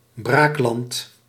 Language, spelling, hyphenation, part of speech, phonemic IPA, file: Dutch, braakland, braak‧land, noun, /ˈbraːk.lɑnt/, Nl-braakland.ogg
- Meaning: fallow, fallow land